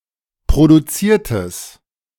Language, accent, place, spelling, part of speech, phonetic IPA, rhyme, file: German, Germany, Berlin, produziertes, adjective, [pʁoduˈt͡siːɐ̯təs], -iːɐ̯təs, De-produziertes.ogg
- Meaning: strong/mixed nominative/accusative neuter singular of produziert